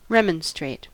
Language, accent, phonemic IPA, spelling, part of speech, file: English, US, /ˈɹɛ.mən.stɹeɪt/, remonstrate, verb, En-us-remonstrate.ogg
- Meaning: To object with in critical fashion; to express disapproval (with, against)